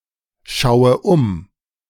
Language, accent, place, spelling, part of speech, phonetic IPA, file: German, Germany, Berlin, schaue um, verb, [ˌʃaʊ̯ə ˈʊm], De-schaue um.ogg
- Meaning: inflection of umschauen: 1. first-person singular present 2. first/third-person singular subjunctive I 3. singular imperative